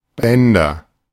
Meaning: nominative/accusative/genitive plural of Band
- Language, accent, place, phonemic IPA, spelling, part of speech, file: German, Germany, Berlin, /ˈbɛndɐ/, Bänder, noun, De-Bänder.ogg